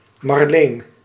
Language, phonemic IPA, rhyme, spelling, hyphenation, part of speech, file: Dutch, /mɑrˈleːn/, -eːn, Marleen, Mar‧leen, proper noun, Nl-Marleen.ogg
- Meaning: a female given name